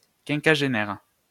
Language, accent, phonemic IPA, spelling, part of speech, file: French, France, /kɛ̃.ka.ʒe.nɛʁ/, quinquagénaire, adjective / noun, LL-Q150 (fra)-quinquagénaire.wav
- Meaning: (adjective) quinquagenarian, fiftysomething